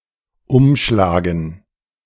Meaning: 1. to turn 2. to fell 3. to handle, to transact
- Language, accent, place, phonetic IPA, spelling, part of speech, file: German, Germany, Berlin, [ˈʊmˌʃlaːɡn̩], umschlagen, verb, De-umschlagen.ogg